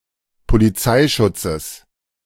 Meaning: genitive singular of Polizeischutz
- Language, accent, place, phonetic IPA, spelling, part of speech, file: German, Germany, Berlin, [poliˈt͡saɪ̯ˌʃʊt͡səs], Polizeischutzes, noun, De-Polizeischutzes.ogg